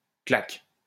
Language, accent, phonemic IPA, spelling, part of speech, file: French, France, /klak/, claque, noun, LL-Q150 (fra)-claque.wav
- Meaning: 1. slap on the cheek 2. vamp (of a shoe) 3. overshoe 4. thrashing; thumping (heavy defeat) 5. claque (group of people hired to either applaud or boo) 6. gambling den 7. whorehouse, brothel